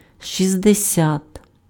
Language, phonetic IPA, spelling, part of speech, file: Ukrainian, [ʃʲizdeˈsʲat], шістдесят, numeral, Uk-шістдесят.ogg
- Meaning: sixty (60)